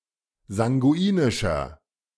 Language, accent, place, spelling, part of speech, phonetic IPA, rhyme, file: German, Germany, Berlin, sanguinischer, adjective, [zaŋɡuˈiːnɪʃɐ], -iːnɪʃɐ, De-sanguinischer.ogg
- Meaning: 1. comparative degree of sanguinisch 2. inflection of sanguinisch: strong/mixed nominative masculine singular 3. inflection of sanguinisch: strong genitive/dative feminine singular